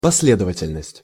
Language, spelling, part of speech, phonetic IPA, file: Russian, последовательность, noun, [pɐs⁽ʲ⁾ˈlʲedəvətʲɪlʲnəsʲtʲ], Ru-последовательность.ogg
- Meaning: 1. consistency, logicality 2. succession, sequence, series